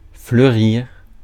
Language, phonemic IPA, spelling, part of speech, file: French, /flœ.ʁiʁ/, fleurir, verb, Fr-fleurir.ogg
- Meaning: 1. to flower; to produce flowers 2. to bloom 3. to flourish